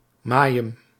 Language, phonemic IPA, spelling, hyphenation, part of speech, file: Dutch, /ˈmaː.jəm/, majem, ma‧jem, noun, Nl-majem.ogg
- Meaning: 1. water 2. city canal